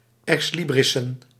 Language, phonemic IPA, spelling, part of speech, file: Dutch, /ɛksˈlibrɪsə(n)/, ex librissen, noun, Nl-ex librissen.ogg
- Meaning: plural of ex libris